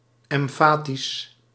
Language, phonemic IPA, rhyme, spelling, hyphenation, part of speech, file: Dutch, /ˌɛmˈfaː.tis/, -aːtis, emfatisch, em‧fa‧tisch, adjective / adverb, Nl-emfatisch.ogg
- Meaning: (adjective) emphatic (characterised by emphasis)